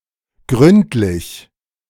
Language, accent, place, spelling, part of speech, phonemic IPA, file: German, Germany, Berlin, gründlich, adjective / adverb, /ˈɡrʏntlɪç/, De-gründlich.ogg
- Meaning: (adjective) thorough, in-depth; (adverb) thoroughly, completely